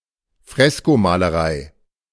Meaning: fresco (technique)
- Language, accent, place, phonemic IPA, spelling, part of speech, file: German, Germany, Berlin, /ˈfʁɛskomalɐˌʁaɪ̯/, Freskomalerei, noun, De-Freskomalerei.ogg